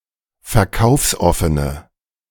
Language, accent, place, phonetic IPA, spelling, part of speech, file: German, Germany, Berlin, [fɛɐ̯ˈkaʊ̯fsˌʔɔfənə], verkaufsoffene, adjective, De-verkaufsoffene.ogg
- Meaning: inflection of verkaufsoffen: 1. strong/mixed nominative/accusative feminine singular 2. strong nominative/accusative plural 3. weak nominative all-gender singular